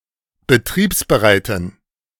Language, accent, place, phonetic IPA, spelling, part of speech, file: German, Germany, Berlin, [bəˈtʁiːpsbəˌʁaɪ̯tn̩], betriebsbereiten, adjective, De-betriebsbereiten.ogg
- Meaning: inflection of betriebsbereit: 1. strong genitive masculine/neuter singular 2. weak/mixed genitive/dative all-gender singular 3. strong/weak/mixed accusative masculine singular 4. strong dative plural